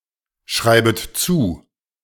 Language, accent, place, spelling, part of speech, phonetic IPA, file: German, Germany, Berlin, schreibet zu, verb, [ˌʃʁaɪ̯bət ˈt͡suː], De-schreibet zu.ogg
- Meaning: second-person plural subjunctive I of zuschreiben